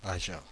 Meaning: Agen (a city and commune, the prefecture of Lot-et-Garonne department, Nouvelle-Aquitaine, France)
- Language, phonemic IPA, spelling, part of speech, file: French, /a.ʒɛ̃/, Agen, proper noun, Fr-Agen.oga